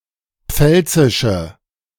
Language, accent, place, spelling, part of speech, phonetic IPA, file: German, Germany, Berlin, pfälzische, adjective, [ˈp͡fɛlt͡sɪʃə], De-pfälzische.ogg
- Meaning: inflection of pfälzisch: 1. strong/mixed nominative/accusative feminine singular 2. strong nominative/accusative plural 3. weak nominative all-gender singular